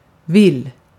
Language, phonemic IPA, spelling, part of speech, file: Swedish, /vɪl/, vill, adjective / verb, Sv-vill.ogg
- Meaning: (adjective) lost (not knowing place or directions); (verb) present indicative of vilja